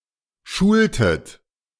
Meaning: inflection of schulen: 1. second-person plural preterite 2. second-person plural subjunctive II
- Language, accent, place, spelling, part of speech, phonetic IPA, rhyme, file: German, Germany, Berlin, schultet, verb, [ˈʃuːltət], -uːltət, De-schultet.ogg